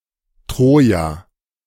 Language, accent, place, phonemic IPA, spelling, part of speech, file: German, Germany, Berlin, /ˈtʁoːja/, Troja, proper noun, De-Troja.ogg
- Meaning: Troy (an ancient city in far northwestern Asia Minor, in modern Turkey)